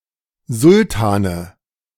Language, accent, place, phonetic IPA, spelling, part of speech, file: German, Germany, Berlin, [ˈzʊltaːnə], Sultane, noun, De-Sultane.ogg
- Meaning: nominative/accusative/genitive plural of Sultan